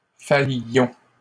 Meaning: inflection of faillir: 1. first-person plural imperfect indicative 2. first-person plural present subjunctive
- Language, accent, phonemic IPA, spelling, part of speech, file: French, Canada, /faj.jɔ̃/, faillions, verb, LL-Q150 (fra)-faillions.wav